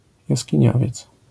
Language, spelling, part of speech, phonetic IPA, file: Polish, jaskiniowiec, noun, [ˌjasʲcĩˈɲɔvʲjɛt͡s], LL-Q809 (pol)-jaskiniowiec.wav